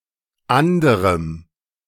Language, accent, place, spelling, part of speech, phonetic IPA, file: German, Germany, Berlin, anderem, adjective, [ˈʔandəʁəm], De-anderem.ogg
- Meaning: strong dative masculine/neuter singular of anderer